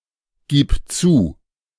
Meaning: singular imperative of zugeben
- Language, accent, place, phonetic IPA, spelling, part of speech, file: German, Germany, Berlin, [ˌɡiːp ˈt͡suː], gib zu, verb, De-gib zu.ogg